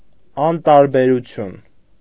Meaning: indifference
- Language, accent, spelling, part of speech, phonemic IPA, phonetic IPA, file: Armenian, Eastern Armenian, անտարբերություն, noun, /ɑntɑɾbeɾuˈtʰjun/, [ɑntɑɾbeɾut͡sʰjún], Hy-անտարբերություն.ogg